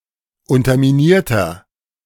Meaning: inflection of unterminiert: 1. strong/mixed nominative masculine singular 2. strong genitive/dative feminine singular 3. strong genitive plural
- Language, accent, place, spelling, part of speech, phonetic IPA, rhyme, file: German, Germany, Berlin, unterminierter, adjective, [ˌʊntɐmiˈniːɐ̯tɐ], -iːɐ̯tɐ, De-unterminierter.ogg